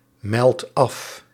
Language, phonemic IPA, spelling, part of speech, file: Dutch, /ˈmɛlt ˈɑf/, meldt af, verb, Nl-meldt af.ogg
- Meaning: inflection of afmelden: 1. second/third-person singular present indicative 2. plural imperative